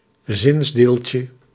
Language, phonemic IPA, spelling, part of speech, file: Dutch, /ˈzɪnzdelcə/, zinsdeeltje, noun, Nl-zinsdeeltje.ogg
- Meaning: diminutive of zinsdeel